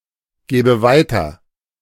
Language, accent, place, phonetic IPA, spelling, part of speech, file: German, Germany, Berlin, [ˌɡɛːbə ˈvaɪ̯tɐ], gäbe weiter, verb, De-gäbe weiter.ogg
- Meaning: first/third-person singular subjunctive II of weitergeben